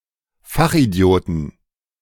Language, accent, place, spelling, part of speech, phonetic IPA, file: German, Germany, Berlin, Fachidioten, noun, [ˈfaxʔiˌdi̯oːtn̩], De-Fachidioten.ogg
- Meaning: 1. genitive of Fachidiot 2. plural of Fachidiot